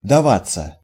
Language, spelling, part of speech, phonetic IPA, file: Russian, даваться, verb, [dɐˈvat͡sːə], Ru-даваться.ogg
- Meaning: 1. to let oneself, to allow oneself (to be caught, to be cheated, etc.) 2. to come easily 3. passive of дава́ть (davátʹ)